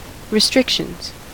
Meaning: plural of restriction
- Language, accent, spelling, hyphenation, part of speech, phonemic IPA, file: English, US, restrictions, re‧stric‧tions, noun, /ɹɪˈstɹɪkʃənz/, En-us-restrictions.ogg